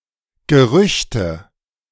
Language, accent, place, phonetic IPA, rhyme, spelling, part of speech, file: German, Germany, Berlin, [ɡəˈʁʏçtə], -ʏçtə, Gerüchte, noun, De-Gerüchte.ogg
- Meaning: nominative/accusative/genitive plural of Gerücht